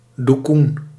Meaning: dukun, a Javan or Malay witch doctor or folk healer
- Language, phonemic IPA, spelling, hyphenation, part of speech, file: Dutch, /du.kun/, doekoen, doe‧koen, noun, Nl-doekoen.ogg